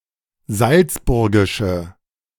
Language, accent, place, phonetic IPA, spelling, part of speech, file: German, Germany, Berlin, [ˈzalt͡sˌbʊʁɡɪʃə], salzburgische, adjective, De-salzburgische.ogg
- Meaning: inflection of salzburgisch: 1. strong/mixed nominative/accusative feminine singular 2. strong nominative/accusative plural 3. weak nominative all-gender singular